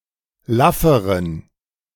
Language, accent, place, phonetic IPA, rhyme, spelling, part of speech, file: German, Germany, Berlin, [ˈlafəʁən], -afəʁən, lafferen, adjective, De-lafferen.ogg
- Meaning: inflection of laff: 1. strong genitive masculine/neuter singular comparative degree 2. weak/mixed genitive/dative all-gender singular comparative degree